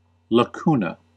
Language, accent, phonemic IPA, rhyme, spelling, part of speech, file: English, US, /ləˈk(j)uː.nə/, -uːnə, lacuna, noun, En-us-lacuna.ogg
- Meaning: 1. A small opening; a small pit or depression, especially in bone 2. A small opening; a small pit or depression, especially in bone.: A space visible between cells, allowing free passage of light